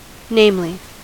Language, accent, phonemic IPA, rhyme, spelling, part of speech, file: English, US, /ˈneɪmli/, -eɪmli, namely, adverb / adjective, En-us-namely.ogg
- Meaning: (adverb) 1. Specifically; that is to say 2. Especially, above all; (adjective) Notable, distinguished; famous, renowned; well-known